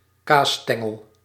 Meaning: cheese straw
- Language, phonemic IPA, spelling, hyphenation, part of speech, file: Dutch, /ˈkaːˌstɛ.ŋəl/, kaasstengel, kaas‧sten‧gel, noun, Nl-kaasstengel.ogg